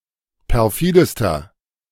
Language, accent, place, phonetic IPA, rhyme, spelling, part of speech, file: German, Germany, Berlin, [pɛʁˈfiːdəstɐ], -iːdəstɐ, perfidester, adjective, De-perfidester.ogg
- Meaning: inflection of perfide: 1. strong/mixed nominative masculine singular superlative degree 2. strong genitive/dative feminine singular superlative degree 3. strong genitive plural superlative degree